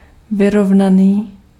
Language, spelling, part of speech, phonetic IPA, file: Czech, vyrovnaný, adjective, [ˈvɪrovnaniː], Cs-vyrovnaný.ogg
- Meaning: 1. stable, even, balanced 2. calm, serene, well-balanced 3. tight, close 4. straight (a line, a column etc)